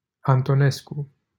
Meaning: a surname
- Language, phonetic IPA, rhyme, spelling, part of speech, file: Romanian, [antoˈnesku], -esku, Antonescu, proper noun, LL-Q7913 (ron)-Antonescu.wav